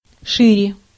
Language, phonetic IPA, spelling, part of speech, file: Russian, [ˈʂɨrʲe], шире, adverb, Ru-шире.ogg
- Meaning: 1. comparative degree of широ́кий (širókij): wider 2. comparative degree of широко́ (širokó), comparative degree of широ́ко (širóko)